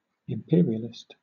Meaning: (adjective) Of, or relating to imperialism; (noun) An advocate of imperialism
- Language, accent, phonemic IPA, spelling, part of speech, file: English, Southern England, /ɪmˈpɪəɹiəlɪst/, imperialist, adjective / noun, LL-Q1860 (eng)-imperialist.wav